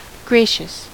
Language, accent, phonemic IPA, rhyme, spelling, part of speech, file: English, US, /ˈɡɹeɪʃəs/, -eɪʃəs, gracious, adjective / interjection, En-us-gracious.ogg
- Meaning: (adjective) 1. Of, related to, full of, or exhibiting grace 2. Of, related to, full of, or exhibiting grace.: Kind and warmly courteous 3. Of, related to, full of, or exhibiting grace.: Compassionate